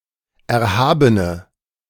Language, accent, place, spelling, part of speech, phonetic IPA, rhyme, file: German, Germany, Berlin, erhabene, adjective, [ˌɛɐ̯ˈhaːbənə], -aːbənə, De-erhabene.ogg
- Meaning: inflection of erhaben: 1. strong/mixed nominative/accusative feminine singular 2. strong nominative/accusative plural 3. weak nominative all-gender singular 4. weak accusative feminine/neuter singular